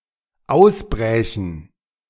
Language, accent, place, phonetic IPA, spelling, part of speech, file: German, Germany, Berlin, [ˈaʊ̯sˌbʁɛːçn̩], ausbrächen, verb, De-ausbrächen.ogg
- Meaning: first/third-person plural dependent subjunctive II of ausbrechen